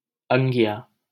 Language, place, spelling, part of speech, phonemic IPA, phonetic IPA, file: Hindi, Delhi, अंगिया, noun, /əŋ.ɡɪ.jɑː/, [ɐ̃ŋ.ɡi.jäː], LL-Q1568 (hin)-अंगिया.wav
- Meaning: angiya, choli, bodice